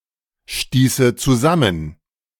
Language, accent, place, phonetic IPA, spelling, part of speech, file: German, Germany, Berlin, [ˌʃtiːsə t͡suˈzamən], stieße zusammen, verb, De-stieße zusammen.ogg
- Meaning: first/third-person singular subjunctive II of zusammenstoßen